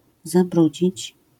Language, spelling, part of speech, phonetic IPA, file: Polish, zabrudzić, verb, [zaˈbrud͡ʑit͡ɕ], LL-Q809 (pol)-zabrudzić.wav